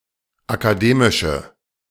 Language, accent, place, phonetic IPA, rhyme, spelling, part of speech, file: German, Germany, Berlin, [akaˈdeːmɪʃə], -eːmɪʃə, akademische, adjective, De-akademische.ogg
- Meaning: inflection of akademisch: 1. strong/mixed nominative/accusative feminine singular 2. strong nominative/accusative plural 3. weak nominative all-gender singular